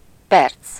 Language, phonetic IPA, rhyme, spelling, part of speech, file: Hungarian, [ˈpɛrt͡s], -ɛrt͡s, perc, noun, Hu-perc.ogg
- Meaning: 1. minute (unit of time) 2. minute (a unit of angle) 3. a segment of a finger